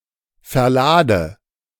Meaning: inflection of verladen: 1. first-person singular present 2. first/third-person singular subjunctive I 3. singular imperative
- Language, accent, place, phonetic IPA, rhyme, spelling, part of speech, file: German, Germany, Berlin, [fɛɐ̯ˈlaːdə], -aːdə, verlade, verb, De-verlade.ogg